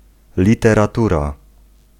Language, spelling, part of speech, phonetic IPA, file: Polish, literatura, noun, [ˌlʲitɛraˈtura], Pl-literatura.ogg